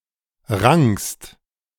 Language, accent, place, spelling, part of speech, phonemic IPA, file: German, Germany, Berlin, rankst, verb, /ˈʁaŋkst/, De-rankst.ogg
- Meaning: second-person singular present of ranken